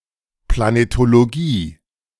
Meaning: planetology
- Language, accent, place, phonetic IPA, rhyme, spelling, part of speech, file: German, Germany, Berlin, [planetoloˈɡiː], -iː, Planetologie, noun, De-Planetologie.ogg